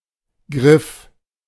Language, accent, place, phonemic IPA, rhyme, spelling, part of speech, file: German, Germany, Berlin, /ɡʁɪf/, -ɪf, Griff, noun, De-Griff.ogg
- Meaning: 1. grasp, reach (act of trying to grab) 2. grip (act of holding something after having gripped it) 3. handle (part of a tool or fixture meant to be gripped) 4. hold